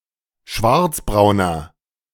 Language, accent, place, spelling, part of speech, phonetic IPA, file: German, Germany, Berlin, schwarzbrauner, adjective, [ˈʃvaʁt͡sbʁaʊ̯nɐ], De-schwarzbrauner.ogg
- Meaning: inflection of schwarzbraun: 1. strong/mixed nominative masculine singular 2. strong genitive/dative feminine singular 3. strong genitive plural